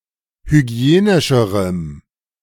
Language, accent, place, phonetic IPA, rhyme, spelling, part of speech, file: German, Germany, Berlin, [hyˈɡi̯eːnɪʃəʁəm], -eːnɪʃəʁəm, hygienischerem, adjective, De-hygienischerem.ogg
- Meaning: strong dative masculine/neuter singular comparative degree of hygienisch